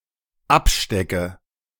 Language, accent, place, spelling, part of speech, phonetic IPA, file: German, Germany, Berlin, abstecke, verb, [ˈapˌʃtɛkə], De-abstecke.ogg
- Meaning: inflection of abstecken: 1. first-person singular dependent present 2. first/third-person singular dependent subjunctive I